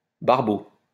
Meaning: 1. barbel (fish) 2. barbel (fish): pimp, procurer 3. cornflower (plant)
- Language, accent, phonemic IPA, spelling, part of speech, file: French, France, /baʁ.bo/, barbeau, noun, LL-Q150 (fra)-barbeau.wav